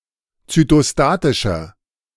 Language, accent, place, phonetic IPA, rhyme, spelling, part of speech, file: German, Germany, Berlin, [t͡sytoˈstaːtɪʃɐ], -aːtɪʃɐ, zytostatischer, adjective, De-zytostatischer.ogg
- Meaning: inflection of zytostatisch: 1. strong/mixed nominative masculine singular 2. strong genitive/dative feminine singular 3. strong genitive plural